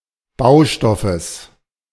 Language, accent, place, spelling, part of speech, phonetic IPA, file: German, Germany, Berlin, Baustoffes, noun, [ˈbaʊ̯ˌʃtɔfəs], De-Baustoffes.ogg
- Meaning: genitive singular of Baustoff